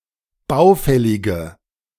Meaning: inflection of baufällig: 1. strong/mixed nominative/accusative feminine singular 2. strong nominative/accusative plural 3. weak nominative all-gender singular
- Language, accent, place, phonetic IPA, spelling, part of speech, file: German, Germany, Berlin, [ˈbaʊ̯ˌfɛlɪɡə], baufällige, adjective, De-baufällige.ogg